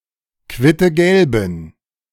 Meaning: inflection of quittegelb: 1. strong genitive masculine/neuter singular 2. weak/mixed genitive/dative all-gender singular 3. strong/weak/mixed accusative masculine singular 4. strong dative plural
- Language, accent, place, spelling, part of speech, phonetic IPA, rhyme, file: German, Germany, Berlin, quittegelben, adjective, [ˌkvɪtəˈɡɛlbn̩], -ɛlbn̩, De-quittegelben.ogg